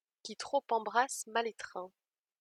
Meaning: grasp all, lose all; don't spread yourself thin; don't become a jack of all trades, master of none
- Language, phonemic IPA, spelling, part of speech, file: French, /ki tʁo.p‿ɑ̃.bʁas ma.l‿e.tʁɛ̃/, qui trop embrasse mal étreint, proverb, LL-Q150 (fra)-qui trop embrasse mal étreint.wav